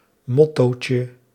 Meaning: diminutive of motto
- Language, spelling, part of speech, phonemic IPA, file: Dutch, mottootje, noun, /ˈmɔtocə/, Nl-mottootje.ogg